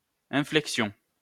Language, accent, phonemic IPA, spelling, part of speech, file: French, France, /ɛ̃.flɛk.sjɔ̃/, inflexion, noun, LL-Q150 (fra)-inflexion.wav
- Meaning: 1. change, especially a slight drop 2. bow (of the body or head) 3. inflection 4. vowel mutation